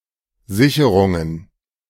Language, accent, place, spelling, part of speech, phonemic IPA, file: German, Germany, Berlin, Sicherungen, noun, /ˈzɪçəʁʊŋən/, De-Sicherungen.ogg
- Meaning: plural of Sicherung